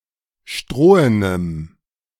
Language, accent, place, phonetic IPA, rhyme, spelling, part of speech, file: German, Germany, Berlin, [ˈʃtʁoːənəm], -oːənəm, strohenem, adjective, De-strohenem.ogg
- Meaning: strong dative masculine/neuter singular of strohen